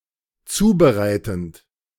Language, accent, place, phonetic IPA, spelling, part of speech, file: German, Germany, Berlin, [ˈt͡suːbəˌʁaɪ̯tn̩t], zubereitend, verb, De-zubereitend.ogg
- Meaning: present participle of zubereiten